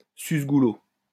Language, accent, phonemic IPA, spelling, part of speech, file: French, France, /sys.ɡu.lo/, suce-goulot, noun, LL-Q150 (fra)-suce-goulot.wav
- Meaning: drunkard